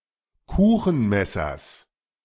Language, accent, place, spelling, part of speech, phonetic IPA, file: German, Germany, Berlin, Kuchenmessers, noun, [ˈkuːxn̩ˌmɛsɐs], De-Kuchenmessers.ogg
- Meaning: genitive singular of Kuchenmesser